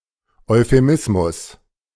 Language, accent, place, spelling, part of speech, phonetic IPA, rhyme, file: German, Germany, Berlin, Euphemismus, noun, [ɔɪ̯feˈmɪsmʊs], -ɪsmʊs, De-Euphemismus.ogg
- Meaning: euphemism